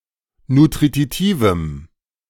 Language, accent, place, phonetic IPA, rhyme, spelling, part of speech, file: German, Germany, Berlin, [nutʁiˈtiːvm̩], -iːvm̩, nutritivem, adjective, De-nutritivem.ogg
- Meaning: strong dative masculine/neuter singular of nutritiv